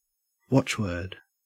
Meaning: A word used as a motto, as expressive of a principle, belief, or rule of action; a rallying cry
- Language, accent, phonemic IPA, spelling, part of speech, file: English, Australia, /ˈwɒt͡ʃwɜː(ɹ)d/, watchword, noun, En-au-watchword.ogg